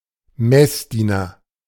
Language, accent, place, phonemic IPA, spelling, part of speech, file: German, Germany, Berlin, /ˈmɛsˌdiːnɐ/, Messdiener, noun, De-Messdiener.ogg
- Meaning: altar boy, altar girl